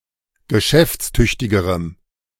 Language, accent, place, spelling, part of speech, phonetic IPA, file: German, Germany, Berlin, geschäftstüchtigerem, adjective, [ɡəˈʃɛft͡sˌtʏçtɪɡəʁəm], De-geschäftstüchtigerem.ogg
- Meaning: strong dative masculine/neuter singular comparative degree of geschäftstüchtig